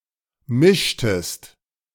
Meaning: inflection of mischen: 1. second-person singular preterite 2. second-person singular subjunctive II
- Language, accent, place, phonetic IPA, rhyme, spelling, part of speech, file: German, Germany, Berlin, [ˈmɪʃtəst], -ɪʃtəst, mischtest, verb, De-mischtest.ogg